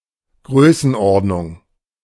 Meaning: order of magnitude
- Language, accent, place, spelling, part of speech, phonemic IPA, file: German, Germany, Berlin, Größenordnung, noun, /ˈɡʁøːsn̩ˌʔɔʁdnʊŋ/, De-Größenordnung.ogg